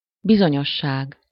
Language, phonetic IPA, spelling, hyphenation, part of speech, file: Hungarian, [ˈbizoɲoʃːaːɡ], bizonyosság, bi‧zo‧nyos‧ság, noun, Hu-bizonyosság.ogg
- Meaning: certainty